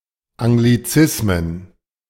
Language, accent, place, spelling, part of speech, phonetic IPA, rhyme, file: German, Germany, Berlin, Anglizismen, noun, [aŋɡliˈt͡sɪsmən], -ɪsmən, De-Anglizismen.ogg
- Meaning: plural of Anglizismus